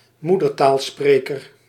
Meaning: native speaker
- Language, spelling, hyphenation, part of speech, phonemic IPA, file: Dutch, moedertaalspreker, moe‧der‧taal‧spre‧ker, noun, /ˈmudərtaːlˌspreːkər/, Nl-moedertaalspreker.ogg